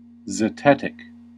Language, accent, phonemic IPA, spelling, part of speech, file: English, US, /zəˈtɛt.ɪk/, zetetic, adjective / noun, En-us-zetetic.ogg
- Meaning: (adjective) 1. Proceeding by inquiry or investigation 2. Of or pertaining to zetetic astronomy (which employs zetetic principles to argue that the earth is flat); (noun) A skeptic